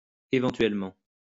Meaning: 1. possibly, maybe, perhaps; if you want 2. eventually
- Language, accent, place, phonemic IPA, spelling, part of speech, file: French, France, Lyon, /e.vɑ̃.tɥɛl.mɑ̃/, éventuellement, adverb, LL-Q150 (fra)-éventuellement.wav